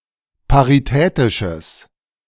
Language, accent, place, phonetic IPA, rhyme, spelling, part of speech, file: German, Germany, Berlin, [paʁiˈtɛːtɪʃəs], -ɛːtɪʃəs, paritätisches, adjective, De-paritätisches.ogg
- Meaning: strong/mixed nominative/accusative neuter singular of paritätisch